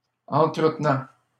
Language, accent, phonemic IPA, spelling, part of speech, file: French, Canada, /ɑ̃.tʁə.t(ə).nɑ̃/, entretenant, verb, LL-Q150 (fra)-entretenant.wav
- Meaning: present participle of entretenir